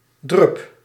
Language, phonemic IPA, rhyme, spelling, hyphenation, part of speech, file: Dutch, /drʏp/, -ʏp, drup, drup, noun, Nl-drup.ogg
- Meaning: alternative form of drop (“droplet”)